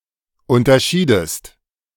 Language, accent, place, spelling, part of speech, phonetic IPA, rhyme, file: German, Germany, Berlin, unterschiedest, verb, [ˌʊntɐˈʃiːdəst], -iːdəst, De-unterschiedest.ogg
- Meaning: inflection of unterscheiden: 1. second-person singular preterite 2. second-person singular subjunctive II